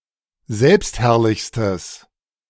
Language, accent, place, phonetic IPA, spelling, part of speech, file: German, Germany, Berlin, [ˈzɛlpstˌhɛʁlɪçstəs], selbstherrlichstes, adjective, De-selbstherrlichstes.ogg
- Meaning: strong/mixed nominative/accusative neuter singular superlative degree of selbstherrlich